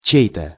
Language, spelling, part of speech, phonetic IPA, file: Russian, чей-то, pronoun, [ˈt͡ɕej‿tə], Ru-чей-то.ogg
- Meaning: someone's (belonging to someone)